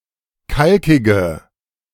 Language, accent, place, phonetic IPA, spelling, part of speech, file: German, Germany, Berlin, [ˈkalkɪɡə], kalkige, adjective, De-kalkige.ogg
- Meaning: inflection of kalkig: 1. strong/mixed nominative/accusative feminine singular 2. strong nominative/accusative plural 3. weak nominative all-gender singular 4. weak accusative feminine/neuter singular